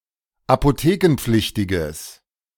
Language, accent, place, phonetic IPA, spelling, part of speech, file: German, Germany, Berlin, [apoˈteːkn̩ˌp͡flɪçtɪɡəs], apothekenpflichtiges, adjective, De-apothekenpflichtiges.ogg
- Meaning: strong/mixed nominative/accusative neuter singular of apothekenpflichtig